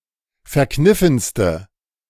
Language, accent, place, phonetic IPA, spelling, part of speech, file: German, Germany, Berlin, [fɛɐ̯ˈknɪfn̩stə], verkniffenste, adjective, De-verkniffenste.ogg
- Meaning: inflection of verkniffen: 1. strong/mixed nominative/accusative feminine singular superlative degree 2. strong nominative/accusative plural superlative degree